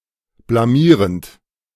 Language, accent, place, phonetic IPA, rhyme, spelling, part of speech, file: German, Germany, Berlin, [blaˈmiːʁənt], -iːʁənt, blamierend, verb, De-blamierend.ogg
- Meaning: present participle of blamieren